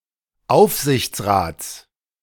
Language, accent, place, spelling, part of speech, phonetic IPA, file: German, Germany, Berlin, Aufsichtsrats, noun, [ˈaʊ̯fzɪçt͡sˌʁaːt͡s], De-Aufsichtsrats.ogg
- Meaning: genitive singular of Aufsichtsrat